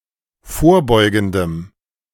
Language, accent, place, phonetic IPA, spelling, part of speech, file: German, Germany, Berlin, [ˈfoːɐ̯ˌbɔɪ̯ɡn̩dəm], vorbeugendem, adjective, De-vorbeugendem.ogg
- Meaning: strong dative masculine/neuter singular of vorbeugend